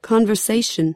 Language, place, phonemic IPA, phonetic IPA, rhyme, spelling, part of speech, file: English, California, /ˌkɑn.vəɹˈseɪ.ʃən/, [ˌkʰɑɱ.vɚˈseɪ.ʃn̩], -eɪʃən, conversation, noun / verb, En-us-conversation.ogg
- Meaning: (noun) Expression and exchange of individual ideas through talking with other people; also, a set instance or occasion of such talking